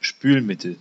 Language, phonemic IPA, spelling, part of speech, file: German, /ˈʃpyːlˌmɪtəl/, Spülmittel, noun, De-Spülmittel.ogg
- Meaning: detergent, dishwashing liquid, washing-up liquid